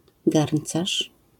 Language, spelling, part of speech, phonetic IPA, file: Polish, garncarz, noun, [ˈɡarn̥t͡saʃ], LL-Q809 (pol)-garncarz.wav